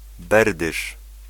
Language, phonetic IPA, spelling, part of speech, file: Polish, [ˈbɛrdɨʃ], berdysz, noun, Pl-berdysz.ogg